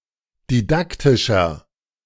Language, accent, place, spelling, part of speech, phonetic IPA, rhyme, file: German, Germany, Berlin, didaktischer, adjective, [diˈdaktɪʃɐ], -aktɪʃɐ, De-didaktischer.ogg
- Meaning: inflection of didaktisch: 1. strong/mixed nominative masculine singular 2. strong genitive/dative feminine singular 3. strong genitive plural